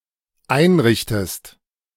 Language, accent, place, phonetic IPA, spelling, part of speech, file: German, Germany, Berlin, [ˈaɪ̯nˌʁɪçtəst], einrichtest, verb, De-einrichtest.ogg
- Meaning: inflection of einrichten: 1. second-person singular dependent present 2. second-person singular dependent subjunctive I